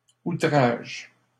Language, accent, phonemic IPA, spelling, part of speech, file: French, Canada, /u.tʁaʒ/, outrage, noun / verb, LL-Q150 (fra)-outrage.wav
- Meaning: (noun) 1. offence, insult, contempt 2. onslaught 3. contempt (e.g. of court); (verb) inflection of outrager: first/third-person singular present indicative/subjunctive